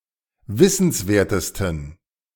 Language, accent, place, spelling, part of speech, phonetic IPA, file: German, Germany, Berlin, wissenswertesten, adjective, [ˈvɪsn̩sˌveːɐ̯təstn̩], De-wissenswertesten.ogg
- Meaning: 1. superlative degree of wissenswert 2. inflection of wissenswert: strong genitive masculine/neuter singular superlative degree